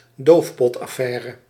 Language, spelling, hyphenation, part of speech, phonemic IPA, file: Dutch, doofpotaffaire, doof‧pot‧af‧fai‧re, noun, /ˈdoːf.pɔt.ɑˌfɛː.rə/, Nl-doofpotaffaire.ogg
- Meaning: cover-up scandal